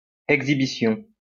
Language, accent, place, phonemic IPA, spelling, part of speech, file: French, France, Lyon, /ɛɡ.zi.bi.sjɔ̃/, exhibition, noun, LL-Q150 (fra)-exhibition.wav
- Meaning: 1. exhibition, friendly 2. presentation, production 3. showing off, outrageous behaviour